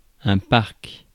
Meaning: 1. park 2. playpen (for children) 3. pen (for animals) 4. number; stock (de (“of”)) 5. fleet (of vehicles; of similar equipment)
- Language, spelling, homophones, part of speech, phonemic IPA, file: French, parc, Parque, noun, /paʁk/, Fr-parc.ogg